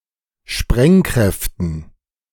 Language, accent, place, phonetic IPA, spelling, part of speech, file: German, Germany, Berlin, [ˈʃpʁɛŋˌkʁɛftn̩], Sprengkräften, noun, De-Sprengkräften.ogg
- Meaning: dative plural of Sprengkraft